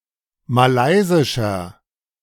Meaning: 1. comparative degree of malaysisch 2. inflection of malaysisch: strong/mixed nominative masculine singular 3. inflection of malaysisch: strong genitive/dative feminine singular
- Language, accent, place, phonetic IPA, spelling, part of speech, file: German, Germany, Berlin, [maˈlaɪ̯zɪʃɐ], malaysischer, adjective, De-malaysischer.ogg